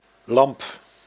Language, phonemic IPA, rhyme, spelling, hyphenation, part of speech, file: Dutch, /lɑmp/, -ɑmp, lamp, lamp, noun, Nl-lamp.ogg
- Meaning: 1. lamp 2. vacuum tube, thermionic valve